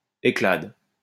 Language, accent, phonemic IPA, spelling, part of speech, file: French, France, /e.klad/, éclade, noun, LL-Q150 (fra)-éclade.wav
- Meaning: a dish of mussels cooked among burning pine needles